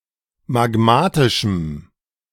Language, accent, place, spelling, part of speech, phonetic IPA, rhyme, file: German, Germany, Berlin, magmatischem, adjective, [maˈɡmaːtɪʃm̩], -aːtɪʃm̩, De-magmatischem.ogg
- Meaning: strong dative masculine/neuter singular of magmatisch